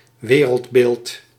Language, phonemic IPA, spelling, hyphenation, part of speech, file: Dutch, /ˈʋeː.rəltˌbeːlt/, wereldbeeld, we‧reld‧beeld, noun, Nl-wereldbeeld.ogg
- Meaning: worldview (set of views and opinions about the world and society)